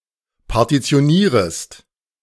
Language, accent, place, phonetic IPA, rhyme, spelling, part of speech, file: German, Germany, Berlin, [paʁtit͡si̯oˈniːʁəst], -iːʁəst, partitionierest, verb, De-partitionierest.ogg
- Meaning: second-person singular subjunctive I of partitionieren